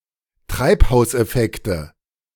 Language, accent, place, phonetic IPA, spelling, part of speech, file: German, Germany, Berlin, [ˈtʁaɪ̯phaʊ̯sʔɛˌfɛktə], Treibhauseffekte, noun, De-Treibhauseffekte.ogg
- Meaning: nominative/accusative/genitive plural of Treibhauseffekt